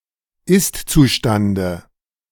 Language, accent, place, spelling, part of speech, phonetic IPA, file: German, Germany, Berlin, Istzustande, noun, [ˈɪstt͡suˌʃtandə], De-Istzustande.ogg
- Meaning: dative of Istzustand